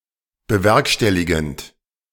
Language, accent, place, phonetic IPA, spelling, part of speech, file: German, Germany, Berlin, [bəˈvɛʁkʃtɛliɡn̩t], bewerkstelligend, verb, De-bewerkstelligend.ogg
- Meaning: present participle of bewerkstelligen